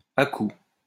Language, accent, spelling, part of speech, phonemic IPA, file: French, France, à-coup, noun, /a.ku/, LL-Q150 (fra)-à-coup.wav
- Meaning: jerk, jolt